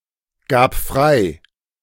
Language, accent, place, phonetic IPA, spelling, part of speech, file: German, Germany, Berlin, [ˌɡaːp ˈfʁaɪ̯], gab frei, verb, De-gab frei.ogg
- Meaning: first/third-person singular preterite of freigeben